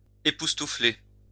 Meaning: to amaze, to stupefy, to flabbergast
- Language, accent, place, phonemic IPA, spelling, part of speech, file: French, France, Lyon, /e.pus.tu.fle/, époustoufler, verb, LL-Q150 (fra)-époustoufler.wav